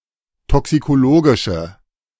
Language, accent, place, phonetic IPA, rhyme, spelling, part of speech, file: German, Germany, Berlin, [ˌtɔksikoˈloːɡɪʃə], -oːɡɪʃə, toxikologische, adjective, De-toxikologische.ogg
- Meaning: inflection of toxikologisch: 1. strong/mixed nominative/accusative feminine singular 2. strong nominative/accusative plural 3. weak nominative all-gender singular